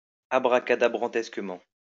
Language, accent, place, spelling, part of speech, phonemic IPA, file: French, France, Lyon, abracadabrantesquement, adverb, /a.bʁa.ka.da.bʁɑ̃.tɛs.kə.mɑ̃/, LL-Q150 (fra)-abracadabrantesquement.wav
- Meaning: totally ludicrously